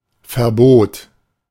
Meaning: prohibition, ban
- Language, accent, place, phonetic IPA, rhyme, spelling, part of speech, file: German, Germany, Berlin, [fɛɐ̯ˈboːt], -oːt, Verbot, noun, De-Verbot.ogg